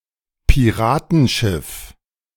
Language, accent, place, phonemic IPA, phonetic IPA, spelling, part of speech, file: German, Germany, Berlin, /piˈʁaːtənˌʃɪf/, [pʰiˈʁaːtʰn̩ˌʃɪf], Piratenschiff, noun, De-Piratenschiff.ogg
- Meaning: pirate ship